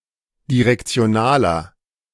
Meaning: inflection of direktional: 1. strong/mixed nominative masculine singular 2. strong genitive/dative feminine singular 3. strong genitive plural
- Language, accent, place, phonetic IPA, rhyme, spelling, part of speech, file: German, Germany, Berlin, [diʁɛkt͡si̯oˈnaːlɐ], -aːlɐ, direktionaler, adjective, De-direktionaler.ogg